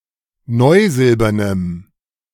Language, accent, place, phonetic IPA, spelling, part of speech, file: German, Germany, Berlin, [ˈnɔɪ̯ˌzɪlbɐnəm], neusilbernem, adjective, De-neusilbernem.ogg
- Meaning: strong dative masculine/neuter singular of neusilbern